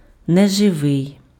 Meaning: inanimate
- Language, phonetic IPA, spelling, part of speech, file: Ukrainian, [neʒeˈʋɪi̯], неживий, adjective, Uk-неживий.ogg